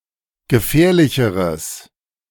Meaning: strong/mixed nominative/accusative neuter singular comparative degree of gefährlich
- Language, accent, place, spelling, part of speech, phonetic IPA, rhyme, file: German, Germany, Berlin, gefährlicheres, adjective, [ɡəˈfɛːɐ̯lɪçəʁəs], -ɛːɐ̯lɪçəʁəs, De-gefährlicheres.ogg